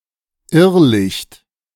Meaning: will o' the wisp (strange light)
- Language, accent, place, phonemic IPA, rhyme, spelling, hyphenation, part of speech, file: German, Germany, Berlin, /ˈɪʁlɪçt/, -ɪçt, Irrlicht, Irr‧licht, noun, De-Irrlicht.ogg